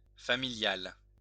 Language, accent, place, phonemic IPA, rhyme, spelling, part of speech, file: French, France, Lyon, /fa.mi.ljal/, -al, familiale, adjective / noun, LL-Q150 (fra)-familiale.wav
- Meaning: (adjective) feminine singular of familial; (noun) ellipsis of voiture familiale: a family car